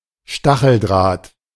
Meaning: barbed wire
- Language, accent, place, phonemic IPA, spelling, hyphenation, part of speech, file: German, Germany, Berlin, /ˈʃtaxəlˌdʁaːt/, Stacheldraht, Sta‧chel‧draht, noun, De-Stacheldraht.ogg